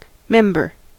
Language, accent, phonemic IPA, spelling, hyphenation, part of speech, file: English, US, /ˈmɛm.bɚ/, member, mem‧ber, noun, En-us-member.ogg
- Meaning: 1. One who belongs to a group 2. A part of a whole 3. Part of an animal capable of performing a distinct office; an organ; a limb 4. The penis 5. One of the propositions making up a syllogism